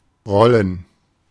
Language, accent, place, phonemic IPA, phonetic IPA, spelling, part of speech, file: German, Germany, Berlin, /ˈʁɔlən/, [ˈʁɔln̩], rollen, verb, De-rollen.ogg
- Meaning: 1. to roll 2. to roll (something round, e.g. a wheel) 3. to roll (something on its wheels) 4. to agitate, prank somebody